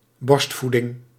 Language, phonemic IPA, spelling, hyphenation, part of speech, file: Dutch, /ˈbɔrstˌfu.dɪŋ/, borstvoeding, borst‧voe‧ding, noun, Nl-borstvoeding.ogg
- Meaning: 1. breast feeding 2. breast milk